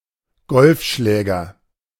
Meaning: golf club (equipment)
- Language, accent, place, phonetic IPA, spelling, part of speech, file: German, Germany, Berlin, [ˈɡɔlfˌʃlɛːɡɐ], Golfschläger, noun, De-Golfschläger.ogg